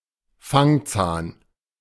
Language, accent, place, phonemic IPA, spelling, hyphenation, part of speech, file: German, Germany, Berlin, /ˈfaŋˌt͡saːn/, Fangzahn, Fang‧zahn, noun, De-Fangzahn.ogg
- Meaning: fang (long animal tooth used for tearing flesh)